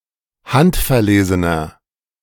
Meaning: inflection of handverlesen: 1. strong/mixed nominative masculine singular 2. strong genitive/dative feminine singular 3. strong genitive plural
- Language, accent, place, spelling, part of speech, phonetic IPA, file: German, Germany, Berlin, handverlesener, adjective, [ˈhantfɛɐ̯ˌleːzənɐ], De-handverlesener.ogg